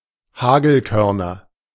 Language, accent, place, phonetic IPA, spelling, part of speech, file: German, Germany, Berlin, [ˈhaːɡl̩ˌkœʁnɐ], Hagelkörner, noun, De-Hagelkörner.ogg
- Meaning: nominative/accusative/genitive plural of Hagelkorn